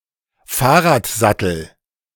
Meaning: bicycle saddle, bike saddle, bicycle seat
- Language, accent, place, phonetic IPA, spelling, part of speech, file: German, Germany, Berlin, [ˈfaːɐ̯ʁaːtˌzatl̩], Fahrradsattel, noun, De-Fahrradsattel.ogg